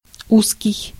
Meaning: 1. narrow 2. tight 3. deliberate misspelling of русский (russkij, “Russian, related to Russia”)
- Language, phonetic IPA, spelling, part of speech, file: Russian, [ˈuskʲɪj], узкий, adjective, Ru-узкий.ogg